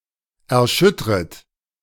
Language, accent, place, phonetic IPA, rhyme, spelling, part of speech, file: German, Germany, Berlin, [ɛɐ̯ˈʃʏtʁət], -ʏtʁət, erschüttret, verb, De-erschüttret.ogg
- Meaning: second-person plural subjunctive I of erschüttern